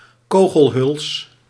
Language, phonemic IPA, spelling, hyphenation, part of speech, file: Dutch, /ˈkoː.ɣəlˌɦʏls/, kogelhuls, ko‧gel‧huls, noun, Nl-kogelhuls.ogg
- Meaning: bullet casing, bullet shell